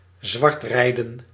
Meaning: to dodge fare, to use public transportation (bus, tram, train) without paying
- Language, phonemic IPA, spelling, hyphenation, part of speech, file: Dutch, /ˈzʋɑrtˌrɛi̯.də(n)/, zwartrijden, zwart‧rij‧den, verb, Nl-zwartrijden.ogg